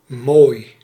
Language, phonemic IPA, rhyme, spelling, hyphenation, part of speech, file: Dutch, /moːi̯/, -oːi̯, mooi, mooi, adjective, Nl-mooi.ogg
- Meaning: 1. beautiful, pretty, handsome 2. nice, good